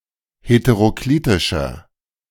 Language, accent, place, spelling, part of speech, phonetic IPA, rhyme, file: German, Germany, Berlin, heteroklitischer, adjective, [hetəʁoˈkliːtɪʃɐ], -iːtɪʃɐ, De-heteroklitischer.ogg
- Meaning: inflection of heteroklitisch: 1. strong/mixed nominative masculine singular 2. strong genitive/dative feminine singular 3. strong genitive plural